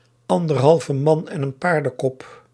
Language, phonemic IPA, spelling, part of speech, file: Dutch, /ˈɑn.dər.ɦɑl.və ˈmɑn ɛn ən ˈpaːr.də(n).kɔp/, anderhalve man en een paardenkop, phrase, Nl-anderhalve man en een paardenkop.ogg
- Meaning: one man and his dog (virtually no one)